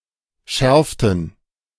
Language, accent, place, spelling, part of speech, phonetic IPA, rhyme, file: German, Germany, Berlin, schärften, verb, [ˈʃɛʁftn̩], -ɛʁftn̩, De-schärften.ogg
- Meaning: inflection of schärfen: 1. first/third-person plural preterite 2. first/third-person plural subjunctive II